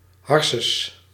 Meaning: 1. alternative form of hersenen 2. noggin, bonce
- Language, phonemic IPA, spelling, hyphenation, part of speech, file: Dutch, /ˈɦɑr.səs/, harses, har‧ses, noun, Nl-harses.ogg